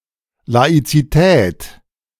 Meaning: synonym of Säkularismus
- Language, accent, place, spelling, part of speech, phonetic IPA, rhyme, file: German, Germany, Berlin, Laizität, noun, [lait͡siˈtɛːt], -ɛːt, De-Laizität.ogg